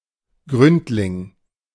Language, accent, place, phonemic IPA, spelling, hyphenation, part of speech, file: German, Germany, Berlin, /ˈɡʁʏntlɪŋ/, Gründling, Gründ‧ling, noun, De-Gründling.ogg
- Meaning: Any fish of the genus Gobio, especially a common gudgeon (Gobio gobio)